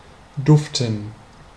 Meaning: to smell very pleasantly
- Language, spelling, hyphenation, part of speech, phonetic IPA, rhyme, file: German, duften, duf‧ten, verb / adjective, [ˈdʊftn̩], -ʊftn̩, De-duften.ogg